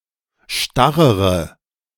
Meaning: inflection of starr: 1. strong/mixed nominative/accusative feminine singular comparative degree 2. strong nominative/accusative plural comparative degree
- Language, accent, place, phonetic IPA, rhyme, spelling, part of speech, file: German, Germany, Berlin, [ˈʃtaʁəʁə], -aʁəʁə, starrere, adjective, De-starrere.ogg